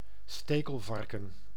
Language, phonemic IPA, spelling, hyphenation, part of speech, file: Dutch, /ˈsteːkəlˌvɑrkə(n)/, stekelvarken, ste‧kel‧var‧ken, noun, Nl-stekelvarken.ogg
- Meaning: a porcupine, large rodent of the families Erethizontidae and Hystricidae